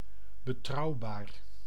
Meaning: trustworthy, reliable
- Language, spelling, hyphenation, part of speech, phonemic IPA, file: Dutch, betrouwbaar, be‧trouw‧baar, adjective, /bəˈtrɑu̯ˌbaːr/, Nl-betrouwbaar.ogg